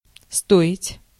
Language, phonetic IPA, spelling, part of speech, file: Russian, [ˈstoɪtʲ], стоить, verb, Ru-стоить.ogg
- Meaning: 1. to cost 2. to be worth 3. to be worthy of, to deserve 4. сто́ит то́лько (stóit tólʹko): it is sufficient (for some purpose), all you have to do is, one need only